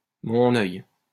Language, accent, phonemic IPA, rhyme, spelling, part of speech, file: French, France, /mɔ̃.n‿œj/, -œj, mon œil, interjection, LL-Q150 (fra)-mon œil.wav
- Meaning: my eye! my foot! tell it to the marines!